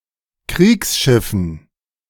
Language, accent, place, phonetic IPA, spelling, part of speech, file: German, Germany, Berlin, [ˈkʁiːksˌʃɪfn̩], Kriegsschiffen, noun, De-Kriegsschiffen.ogg
- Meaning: dative plural of Kriegsschiff